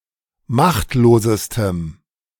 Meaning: strong dative masculine/neuter singular superlative degree of machtlos
- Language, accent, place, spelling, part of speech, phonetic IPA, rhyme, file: German, Germany, Berlin, machtlosestem, adjective, [ˈmaxtloːzəstəm], -axtloːzəstəm, De-machtlosestem.ogg